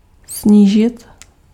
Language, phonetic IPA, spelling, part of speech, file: Czech, [ˈsɲiːʒɪt], snížit, verb, Cs-snížit.ogg
- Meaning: to lower (to reduce the height of)